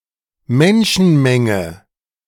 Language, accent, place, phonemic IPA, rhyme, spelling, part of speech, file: German, Germany, Berlin, /ˈmɛnʃn̩ˌmɛŋə/, -ɛŋə, Menschenmenge, noun, De-Menschenmenge.ogg
- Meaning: crowd, throng (of people)